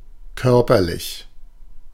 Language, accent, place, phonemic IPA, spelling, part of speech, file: German, Germany, Berlin, /ˈkœʁpɐˌlɪç/, körperlich, adjective, De-körperlich.ogg
- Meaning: bodily, physical